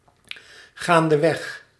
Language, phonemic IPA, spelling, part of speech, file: Dutch, /ˈɣandəˌwɛx/, gaandeweg, adverb, Nl-gaandeweg.ogg
- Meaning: gradually, as time goes on